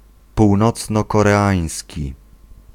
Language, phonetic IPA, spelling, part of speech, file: Polish, [puwˈnɔt͡snɔˌkɔrɛˈãj̃sʲci], północnokoreański, adjective, Pl-północnokoreański.ogg